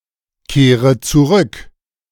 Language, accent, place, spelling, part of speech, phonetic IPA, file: German, Germany, Berlin, kehre zurück, verb, [ˌkeːʁə t͡suˈʁʏk], De-kehre zurück.ogg
- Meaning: inflection of zurückkehren: 1. first-person singular present 2. first/third-person singular subjunctive I 3. singular imperative